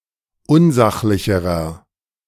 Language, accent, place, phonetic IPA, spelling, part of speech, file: German, Germany, Berlin, [ˈʊnˌzaxlɪçəʁɐ], unsachlicherer, adjective, De-unsachlicherer.ogg
- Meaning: inflection of unsachlich: 1. strong/mixed nominative masculine singular comparative degree 2. strong genitive/dative feminine singular comparative degree 3. strong genitive plural comparative degree